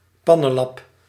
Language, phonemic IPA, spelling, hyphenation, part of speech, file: Dutch, /ˈpɑ.nə(n)ˌlɑp/, pannenlap, pan‧nen‧lap, noun, Nl-pannenlap.ogg
- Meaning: a potholder (cloth or pad for holding hot cooking pots, etc.)